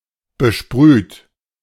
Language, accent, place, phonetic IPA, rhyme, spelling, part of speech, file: German, Germany, Berlin, [bəˈʃpʁyːt], -yːt, besprüht, verb, De-besprüht.ogg
- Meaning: past participle of besprühen - sprayed